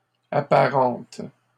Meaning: feminine singular of apparent
- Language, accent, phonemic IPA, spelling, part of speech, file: French, Canada, /a.pa.ʁɑ̃t/, apparente, adjective, LL-Q150 (fra)-apparente.wav